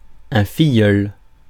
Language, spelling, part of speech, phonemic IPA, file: French, filleul, noun, /fi.jœl/, Fr-filleul.ogg
- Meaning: godson